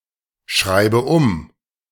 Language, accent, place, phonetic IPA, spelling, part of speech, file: German, Germany, Berlin, [ˈʃʁaɪ̯bə ʊm], schreibe um, verb, De-schreibe um.ogg
- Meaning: inflection of umschreiben: 1. first-person singular present 2. first/third-person singular subjunctive I 3. singular imperative